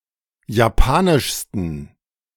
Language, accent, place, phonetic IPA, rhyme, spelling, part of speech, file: German, Germany, Berlin, [jaˈpaːnɪʃstn̩], -aːnɪʃstn̩, japanischsten, adjective, De-japanischsten.ogg
- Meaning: 1. superlative degree of japanisch 2. inflection of japanisch: strong genitive masculine/neuter singular superlative degree